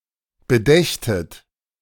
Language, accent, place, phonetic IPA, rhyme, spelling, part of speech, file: German, Germany, Berlin, [bəˈdɛçtət], -ɛçtət, bedächtet, verb, De-bedächtet.ogg
- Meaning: second-person plural subjunctive II of bedenken